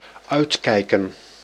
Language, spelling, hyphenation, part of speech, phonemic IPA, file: Dutch, uitkijken, uit‧kij‧ken, verb / noun, /ˈœy̯tˌkɛi̯.kə(n)/, Nl-uitkijken.ogg
- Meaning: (verb) 1. to watch (something) until the end 2. to look out, to watch out, to be vigilant 3. to look forward to; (noun) plural of uitkijk